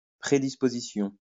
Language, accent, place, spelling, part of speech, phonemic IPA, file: French, France, Lyon, prédisposition, noun, /pʁe.dis.po.zi.sjɔ̃/, LL-Q150 (fra)-prédisposition.wav
- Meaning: predisposition